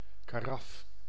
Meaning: carafe
- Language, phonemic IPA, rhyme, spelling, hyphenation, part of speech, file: Dutch, /kaːˈrɑf/, -ɑf, karaf, ka‧raf, noun, Nl-karaf.ogg